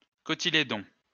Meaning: cotyledon
- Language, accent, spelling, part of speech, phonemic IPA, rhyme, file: French, France, cotylédon, noun, /kɔ.ti.le.dɔ̃/, -ɔ̃, LL-Q150 (fra)-cotylédon.wav